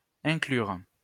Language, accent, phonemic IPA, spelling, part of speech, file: French, France, /ɛ̃.klyʁ/, inclure, verb, LL-Q150 (fra)-inclure.wav
- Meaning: 1. to include 2. to enclose (attach document, file) 3. to feature (important aspect, design, information, event)